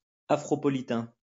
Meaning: synonym of négropolitain
- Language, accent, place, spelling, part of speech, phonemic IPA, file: French, France, Lyon, afropolitain, adjective, /a.fʁɔ.pɔ.li.tɛ̃/, LL-Q150 (fra)-afropolitain.wav